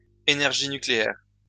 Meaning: nuclear energy
- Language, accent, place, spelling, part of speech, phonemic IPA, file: French, France, Lyon, énergie nucléaire, noun, /e.nɛʁ.ʒi ny.kle.ɛʁ/, LL-Q150 (fra)-énergie nucléaire.wav